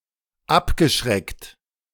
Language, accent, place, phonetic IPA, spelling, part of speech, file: German, Germany, Berlin, [ˈapɡəˌʃʁɛkt], abgeschreckt, verb, De-abgeschreckt.ogg
- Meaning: past participle of abschrecken